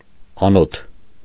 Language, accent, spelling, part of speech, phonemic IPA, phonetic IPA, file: Armenian, Eastern Armenian, անոթ, noun, /ɑˈnotʰ/, [ɑnótʰ], Hy-անոթ.ogg
- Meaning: vessel, container, receptacle